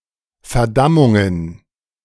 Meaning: plural of Verdammung
- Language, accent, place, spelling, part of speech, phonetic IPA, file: German, Germany, Berlin, Verdammungen, noun, [fɛɐ̯ˈdamʊŋən], De-Verdammungen.ogg